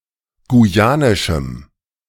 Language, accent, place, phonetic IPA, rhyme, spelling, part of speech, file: German, Germany, Berlin, [ɡuˈjaːnɪʃm̩], -aːnɪʃm̩, guyanischem, adjective, De-guyanischem.ogg
- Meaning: strong dative masculine/neuter singular of guyanisch